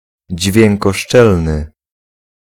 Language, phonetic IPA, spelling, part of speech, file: Polish, [ˌd͡ʑvʲjɛ̃ŋkɔˈʃt͡ʃɛlnɨ], dźwiękoszczelny, adjective, Pl-dźwiękoszczelny.ogg